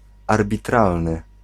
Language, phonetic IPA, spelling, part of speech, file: Polish, [ˌarbʲiˈtralnɨ], arbitralny, adjective, Pl-arbitralny.ogg